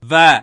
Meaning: A consonantal letter of the Tamil script
- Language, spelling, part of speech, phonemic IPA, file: Tamil, வ, character, /ʋɐ/, வ - Pronunciation in Tamil.ogg